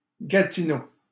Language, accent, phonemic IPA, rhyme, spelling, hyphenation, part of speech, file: French, Canada, /ɡa.ti.no/, -o, Gatineau, Ga‧ti‧neau, proper noun, LL-Q150 (fra)-Gatineau.wav
- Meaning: Gatineau (a city and regional county municipality in the Outaouais region, Quebec, Canada, on the Quebec-Ontario border)